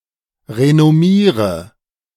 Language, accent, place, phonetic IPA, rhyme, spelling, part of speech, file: German, Germany, Berlin, [ʁenɔˈmiːʁə], -iːʁə, renommiere, verb, De-renommiere.ogg
- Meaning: inflection of renommieren: 1. first-person singular present 2. first/third-person singular subjunctive I 3. singular imperative